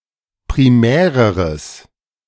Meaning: strong/mixed nominative/accusative neuter singular comparative degree of primär
- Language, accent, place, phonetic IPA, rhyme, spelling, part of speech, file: German, Germany, Berlin, [pʁiˈmɛːʁəʁəs], -ɛːʁəʁəs, primäreres, adjective, De-primäreres.ogg